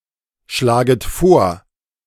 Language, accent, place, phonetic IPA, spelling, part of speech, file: German, Germany, Berlin, [ˌʃlaːɡət ˈfoːɐ̯], schlaget vor, verb, De-schlaget vor.ogg
- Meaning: second-person plural subjunctive I of vorschlagen